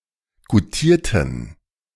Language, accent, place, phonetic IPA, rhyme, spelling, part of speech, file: German, Germany, Berlin, [ɡuˈtiːɐ̯tn̩], -iːɐ̯tn̩, goutierten, adjective / verb, De-goutierten.ogg
- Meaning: inflection of goutieren: 1. first/third-person plural preterite 2. first/third-person plural subjunctive II